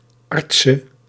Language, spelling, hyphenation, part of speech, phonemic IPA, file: Dutch, artse, art‧se, noun, /ˈɑrtsə/, Nl-artse.ogg
- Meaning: female equivalent of arts (“doctor”)